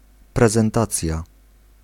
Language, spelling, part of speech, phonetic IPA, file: Polish, prezentacja, noun, [ˌprɛzɛ̃nˈtat͡sʲja], Pl-prezentacja.ogg